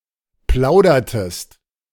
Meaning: inflection of plaudern: 1. second-person singular preterite 2. second-person singular subjunctive II
- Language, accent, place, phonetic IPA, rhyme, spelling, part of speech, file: German, Germany, Berlin, [ˈplaʊ̯dɐtəst], -aʊ̯dɐtəst, plaudertest, verb, De-plaudertest.ogg